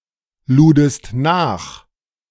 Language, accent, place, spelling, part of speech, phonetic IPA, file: German, Germany, Berlin, ludest nach, verb, [ˌluːdəst ˈnaːx], De-ludest nach.ogg
- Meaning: second-person singular preterite of nachladen